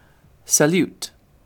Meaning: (noun) An utterance or gesture expressing greeting or honor towards someone, (now especially) a formal, non-verbal gesture made with the arms or hands in any of various specific positions
- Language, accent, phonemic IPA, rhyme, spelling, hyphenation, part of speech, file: English, Received Pronunciation, /səˈl(j)uːt/, -uːt, salute, sa‧lute, noun / verb, En-uk-salute.ogg